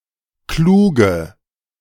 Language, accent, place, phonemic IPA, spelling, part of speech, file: German, Germany, Berlin, /ˈkluːɡə/, kluge, adjective, De-kluge.ogg
- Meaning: inflection of klug: 1. strong/mixed nominative/accusative feminine singular 2. strong nominative/accusative plural 3. weak nominative all-gender singular 4. weak accusative feminine/neuter singular